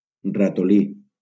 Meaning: 1. mouse (small rodent) 2. mouse (input device)
- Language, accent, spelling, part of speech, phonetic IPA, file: Catalan, Valencia, ratolí, noun, [ra.toˈli], LL-Q7026 (cat)-ratolí.wav